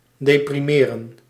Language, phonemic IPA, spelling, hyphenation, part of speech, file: Dutch, /deːpriˈmeːrə(n)/, deprimeren, de‧pri‧me‧ren, verb, Nl-deprimeren.ogg
- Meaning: to depress, to sadden, to deject